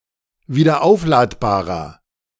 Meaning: inflection of wiederaufladbar: 1. strong/mixed nominative masculine singular 2. strong genitive/dative feminine singular 3. strong genitive plural
- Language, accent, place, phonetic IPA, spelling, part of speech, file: German, Germany, Berlin, [viːdɐˈʔaʊ̯flaːtbaːʁɐ], wiederaufladbarer, adjective, De-wiederaufladbarer.ogg